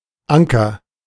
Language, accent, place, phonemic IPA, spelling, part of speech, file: German, Germany, Berlin, /ˈʔaŋkɐ/, Anker, noun, De-Anker.ogg
- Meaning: anchor